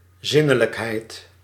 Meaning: sensuality
- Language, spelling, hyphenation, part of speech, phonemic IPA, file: Dutch, zinnelijkheid, zin‧ne‧lijk‧heid, noun, /ˈzɪ.nə.ləkˌɦɛi̯t/, Nl-zinnelijkheid.ogg